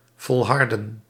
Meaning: to hold on to, persevere
- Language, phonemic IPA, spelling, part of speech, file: Dutch, /vɔlˈhɑrdə(n)/, volharden, verb, Nl-volharden.ogg